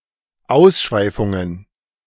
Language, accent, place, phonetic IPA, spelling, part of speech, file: German, Germany, Berlin, [ˈaʊ̯sˌʃvaɪ̯fʊŋən], Ausschweifungen, noun, De-Ausschweifungen.ogg
- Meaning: plural of Ausschweifung